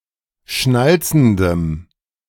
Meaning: strong dative masculine/neuter singular of schnalzend
- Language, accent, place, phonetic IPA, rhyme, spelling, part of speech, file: German, Germany, Berlin, [ˈʃnalt͡sn̩dəm], -alt͡sn̩dəm, schnalzendem, adjective, De-schnalzendem.ogg